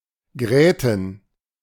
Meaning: plural of Gräte
- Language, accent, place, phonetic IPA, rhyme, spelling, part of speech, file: German, Germany, Berlin, [ˈɡʁɛːtn̩], -ɛːtn̩, Gräten, noun, De-Gräten.ogg